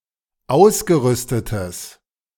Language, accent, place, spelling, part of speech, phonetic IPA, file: German, Germany, Berlin, ausgerüstetes, adjective, [ˈaʊ̯sɡəˌʁʏstətəs], De-ausgerüstetes.ogg
- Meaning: strong/mixed nominative/accusative neuter singular of ausgerüstet